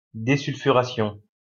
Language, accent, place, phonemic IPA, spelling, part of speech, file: French, France, Lyon, /de.syl.fy.ʁa.sjɔ̃/, désulfuration, noun, LL-Q150 (fra)-désulfuration.wav
- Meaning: desulfuration